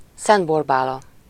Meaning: Saint Barbara, the patron of armourers, military engineers, gunsmiths, miners and anyone else who worked with cannon and explosives
- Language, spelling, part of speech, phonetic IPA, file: Hungarian, Szent Borbála, proper noun, [ˈsɛnt ˈborbaːlɒ], Hu-Szent Borbála.ogg